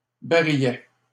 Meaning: 1. small barrel 2. cylinder (of a revolver)
- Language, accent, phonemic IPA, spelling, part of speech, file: French, Canada, /ba.ʁi.jɛ/, barillet, noun, LL-Q150 (fra)-barillet.wav